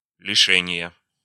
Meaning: inflection of лише́ние (lišénije): 1. genitive singular 2. nominative/accusative plural
- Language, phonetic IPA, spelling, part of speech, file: Russian, [lʲɪˈʂɛnʲɪjə], лишения, noun, Ru-лишения.ogg